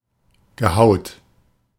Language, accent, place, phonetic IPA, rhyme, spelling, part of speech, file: German, Germany, Berlin, [ɡəˈhaʊ̯t], -aʊ̯t, gehaut, verb, De-gehaut.ogg
- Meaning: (verb) past participle of hauen; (adjective) 1. scheming, shifty, sly, cunning 2. sexually experienced